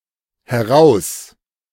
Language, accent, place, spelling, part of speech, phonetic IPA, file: German, Germany, Berlin, heraus, adverb, [hɛˈʁaus], De-heraus.ogg
- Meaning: out of (in the direction of the speaker); out over here; out from there